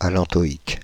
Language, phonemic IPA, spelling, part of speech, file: French, /a.lɑ̃.tɔ.ik/, allantoïque, adjective, Fr-allantoïque.ogg
- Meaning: allantoic